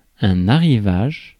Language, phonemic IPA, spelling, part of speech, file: French, /a.ʁi.vaʒ/, arrivage, noun, Fr-arrivage.ogg
- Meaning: 1. arrival 2. advent